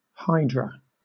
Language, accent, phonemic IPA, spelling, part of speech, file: English, Southern England, /ˈhaɪdɹə/, hydra, noun, LL-Q1860 (eng)-hydra.wav
- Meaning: A dragon-like creature with many heads and the ability to regrow them when maimed